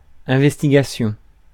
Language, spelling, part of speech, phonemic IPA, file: French, investigation, noun, /ɛ̃.vɛs.ti.ɡa.sjɔ̃/, Fr-investigation.ogg
- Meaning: investigation, examination